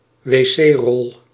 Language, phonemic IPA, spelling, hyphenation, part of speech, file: Dutch, /ʋeːˈseːˌrɔl/, wc-rol, wc-rol, noun, Nl-wc-rol.ogg
- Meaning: a roll of toilet paper, a toilet roll